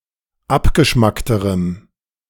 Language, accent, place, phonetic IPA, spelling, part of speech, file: German, Germany, Berlin, [ˈapɡəˌʃmaktəʁəm], abgeschmackterem, adjective, De-abgeschmackterem.ogg
- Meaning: strong dative masculine/neuter singular comparative degree of abgeschmackt